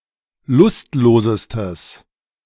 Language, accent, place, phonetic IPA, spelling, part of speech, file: German, Germany, Berlin, [ˈlʊstˌloːzəstəs], lustlosestes, adjective, De-lustlosestes.ogg
- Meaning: strong/mixed nominative/accusative neuter singular superlative degree of lustlos